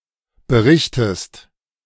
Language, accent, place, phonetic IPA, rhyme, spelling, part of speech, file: German, Germany, Berlin, [bəˈʁɪçtəst], -ɪçtəst, berichtest, verb, De-berichtest.ogg
- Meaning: inflection of berichten: 1. second-person singular present 2. second-person singular subjunctive I